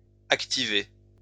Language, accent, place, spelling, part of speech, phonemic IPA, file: French, France, Lyon, activez, verb, /ak.ti.ve/, LL-Q150 (fra)-activez.wav
- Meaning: inflection of activer: 1. second-person plural present indicative 2. second-person plural imperative